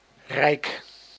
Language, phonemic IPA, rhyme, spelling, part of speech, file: Dutch, /rɛi̯k/, -ɛi̯k, rijk, adjective / noun, Nl-rijk.ogg
- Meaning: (adjective) 1. rich 2. wealthy 3. abundant; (noun) 1. a realm, kingdom ruled by a monarch 2. an empire under the sway of a dominant (e.g. colonial) power